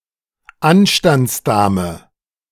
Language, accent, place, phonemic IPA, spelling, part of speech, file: German, Germany, Berlin, /ˈanʃtant͡sˌdaːmə/, Anstandsdame, noun, De-Anstandsdame.ogg
- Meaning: female chaperone